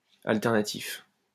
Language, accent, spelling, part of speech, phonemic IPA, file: French, France, alternatif, adjective, /al.tɛʁ.na.tif/, LL-Q150 (fra)-alternatif.wav
- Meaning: 1. alternating 2. alternative (different)